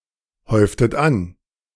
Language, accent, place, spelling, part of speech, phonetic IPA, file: German, Germany, Berlin, häuftet an, verb, [ˌhɔɪ̯ftət ˈan], De-häuftet an.ogg
- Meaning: inflection of anhäufen: 1. second-person plural preterite 2. second-person plural subjunctive II